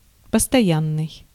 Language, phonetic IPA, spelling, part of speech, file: Russian, [pəstɐˈjanːɨj], постоянный, adjective, Ru-постоянный.ogg
- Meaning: 1. constant, permanent 2. continual, continuous 3. direct (of electric current)